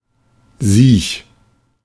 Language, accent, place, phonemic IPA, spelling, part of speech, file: German, Germany, Berlin, /ziːç/, siech, adjective, De-siech.ogg
- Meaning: sick; ill; weak; frail; ailing; afflicted